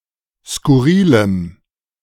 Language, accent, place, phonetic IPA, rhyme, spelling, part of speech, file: German, Germany, Berlin, [skʊˈʁiːləm], -iːləm, skurrilem, adjective, De-skurrilem.ogg
- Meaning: strong dative masculine/neuter singular of skurril